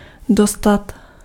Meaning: 1. to get (to receive) 2. to get somewhere
- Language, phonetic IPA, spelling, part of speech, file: Czech, [ˈdostat], dostat, verb, Cs-dostat.ogg